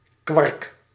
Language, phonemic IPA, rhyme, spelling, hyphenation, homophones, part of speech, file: Dutch, /kʋɑrk/, -ɑrk, kwark, kwark, quark, noun, Nl-kwark.ogg
- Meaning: 1. the soft creamy cheese type quark, made from unripe milk 2. a portion of quark (usually in the diminutive form)